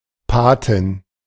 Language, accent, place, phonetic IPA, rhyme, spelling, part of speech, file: German, Germany, Berlin, [ˈpaːtɪn], -aːtɪn, Patin, noun, De-Patin.ogg
- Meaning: godmother